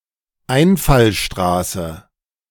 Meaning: access road, radial road, arterial road
- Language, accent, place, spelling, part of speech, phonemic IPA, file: German, Germany, Berlin, Einfallstraße, noun, /ˈaɪ̯nfalˌʃtʁaːsə/, De-Einfallstraße.ogg